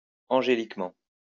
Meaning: angelically
- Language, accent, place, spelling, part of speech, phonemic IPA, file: French, France, Lyon, angéliquement, adverb, /ɑ̃.ʒe.lik.mɑ̃/, LL-Q150 (fra)-angéliquement.wav